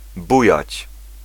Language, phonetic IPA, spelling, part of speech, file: Polish, [ˈbujät͡ɕ], bujać, verb, Pl-bujać.ogg